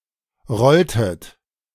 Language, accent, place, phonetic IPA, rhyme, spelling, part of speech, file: German, Germany, Berlin, [ˈʁɔltət], -ɔltət, rolltet, verb, De-rolltet.ogg
- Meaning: inflection of rollen: 1. second-person plural preterite 2. second-person plural subjunctive II